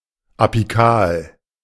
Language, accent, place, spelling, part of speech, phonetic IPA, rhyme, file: German, Germany, Berlin, apikal, adjective, [apiˈkaːl], -aːl, De-apikal.ogg
- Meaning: apical